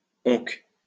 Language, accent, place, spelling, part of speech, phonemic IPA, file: French, France, Lyon, onc, adverb, /ɔ̃k/, LL-Q150 (fra)-onc.wav
- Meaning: 1. one day 2. never